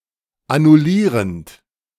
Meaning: present participle of annullieren
- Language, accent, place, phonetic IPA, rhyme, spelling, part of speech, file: German, Germany, Berlin, [anʊˈliːʁənt], -iːʁənt, annullierend, verb, De-annullierend.ogg